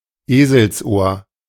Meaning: 1. ear of a donkey 2. dog-ear (folded page corner) 3. hare's ear (Otidea onotica)
- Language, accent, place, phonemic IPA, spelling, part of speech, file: German, Germany, Berlin, /ˈeːzl̩sˌʔoːɐ̯/, Eselsohr, noun, De-Eselsohr.ogg